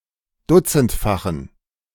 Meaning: inflection of dutzendfach: 1. strong genitive masculine/neuter singular 2. weak/mixed genitive/dative all-gender singular 3. strong/weak/mixed accusative masculine singular 4. strong dative plural
- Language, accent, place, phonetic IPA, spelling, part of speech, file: German, Germany, Berlin, [ˈdʊt͡sn̩tfaxn̩], dutzendfachen, adjective, De-dutzendfachen.ogg